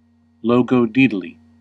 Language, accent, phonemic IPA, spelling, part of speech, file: English, US, /ˌloʊ.ɡoʊˈdi.də.li/, logodaedaly, noun, En-us-logodaedaly.ogg
- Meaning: 1. Cleverness or skill in the coining of new words 2. A cleverly or skilfully coined new word